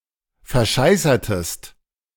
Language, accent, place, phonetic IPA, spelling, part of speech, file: German, Germany, Berlin, [fɛɐ̯ˈʃaɪ̯sɐtəst], verscheißertest, verb, De-verscheißertest.ogg
- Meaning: inflection of verscheißern: 1. second-person singular preterite 2. second-person singular subjunctive II